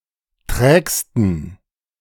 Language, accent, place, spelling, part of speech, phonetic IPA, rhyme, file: German, Germany, Berlin, trägsten, adjective, [ˈtʁɛːkstn̩], -ɛːkstn̩, De-trägsten.ogg
- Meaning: 1. superlative degree of träge 2. inflection of träge: strong genitive masculine/neuter singular superlative degree